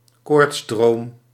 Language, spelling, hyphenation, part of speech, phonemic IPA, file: Dutch, koortsdroom, koorts‧droom, noun, /ˈkoːrtsˌdroːm/, Nl-koortsdroom.ogg
- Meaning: fever dream